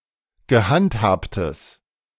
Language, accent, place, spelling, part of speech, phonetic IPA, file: German, Germany, Berlin, gehandhabtes, adjective, [ɡəˈhantˌhaːptəs], De-gehandhabtes.ogg
- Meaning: strong/mixed nominative/accusative neuter singular of gehandhabt